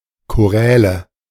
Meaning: nominative/accusative/genitive plural of Choral
- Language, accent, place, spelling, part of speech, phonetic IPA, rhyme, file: German, Germany, Berlin, Choräle, noun, [koˈʁɛːlə], -ɛːlə, De-Choräle.ogg